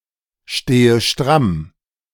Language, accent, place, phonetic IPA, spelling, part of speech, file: German, Germany, Berlin, [ˌʃteːə ˈʃtʁam], stehe stramm, verb, De-stehe stramm.ogg
- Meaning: inflection of strammstehen: 1. first-person singular present 2. first/third-person singular subjunctive I 3. singular imperative